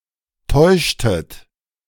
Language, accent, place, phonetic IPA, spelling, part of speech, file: German, Germany, Berlin, [ˈtɔɪ̯ʃtət], täuschtet, verb, De-täuschtet.ogg
- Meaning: inflection of täuschen: 1. second-person plural preterite 2. second-person plural subjunctive II